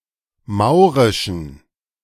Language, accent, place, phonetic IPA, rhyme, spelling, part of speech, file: German, Germany, Berlin, [ˈmaʊ̯ʁɪʃn̩], -aʊ̯ʁɪʃn̩, maurischen, adjective, De-maurischen.ogg
- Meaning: inflection of maurisch: 1. strong genitive masculine/neuter singular 2. weak/mixed genitive/dative all-gender singular 3. strong/weak/mixed accusative masculine singular 4. strong dative plural